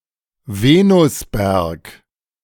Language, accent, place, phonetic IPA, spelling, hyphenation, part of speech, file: German, Germany, Berlin, [ˈveːnʊsˌbɛʁk], Venusberg, Ve‧nus‧berg, noun / proper noun, De-Venusberg.ogg
- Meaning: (noun) synonym of Venushügel (“mons veneris”); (proper noun) 1. a hill in Bonn, North Rhine-Westphalia, Germany 2. a quarter in Bonn, named after the above-mentioned hill